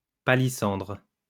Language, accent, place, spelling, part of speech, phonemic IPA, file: French, France, Lyon, palissandre, noun, /pa.li.sɑ̃dʁ/, LL-Q150 (fra)-palissandre.wav
- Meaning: rosewood